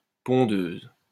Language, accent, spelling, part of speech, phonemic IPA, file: French, France, pondeuse, adjective / noun, /pɔ̃.døz/, LL-Q150 (fra)-pondeuse.wav
- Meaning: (adjective) female equivalent of pondeur; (noun) 1. an egg laying hen 2. a woman who gives birth to many children; a breeder